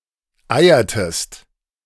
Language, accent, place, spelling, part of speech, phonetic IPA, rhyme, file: German, Germany, Berlin, eiertest, verb, [ˈaɪ̯ɐtəst], -aɪ̯ɐtəst, De-eiertest.ogg
- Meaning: inflection of eiern: 1. second-person singular preterite 2. second-person singular subjunctive II